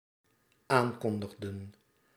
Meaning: inflection of aankondigen: 1. plural dependent-clause past indicative 2. plural dependent-clause past subjunctive
- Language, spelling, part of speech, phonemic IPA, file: Dutch, aankondigden, verb, /ˈaŋkɔndəɣdə(n)/, Nl-aankondigden.ogg